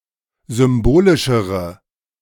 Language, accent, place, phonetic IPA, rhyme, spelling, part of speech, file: German, Germany, Berlin, [ˌzʏmˈboːlɪʃəʁə], -oːlɪʃəʁə, symbolischere, adjective, De-symbolischere.ogg
- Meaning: inflection of symbolisch: 1. strong/mixed nominative/accusative feminine singular comparative degree 2. strong nominative/accusative plural comparative degree